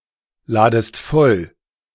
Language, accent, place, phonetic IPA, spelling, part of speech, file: German, Germany, Berlin, [ˌlaːdəst ˈfɔl], ladest voll, verb, De-ladest voll.ogg
- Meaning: second-person singular subjunctive I of vollladen